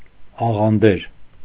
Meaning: dessert
- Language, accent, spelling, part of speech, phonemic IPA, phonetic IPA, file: Armenian, Eastern Armenian, աղանդեր, noun, /ɑʁɑnˈdeɾ/, [ɑʁɑndéɾ], Hy-աղանդեր.ogg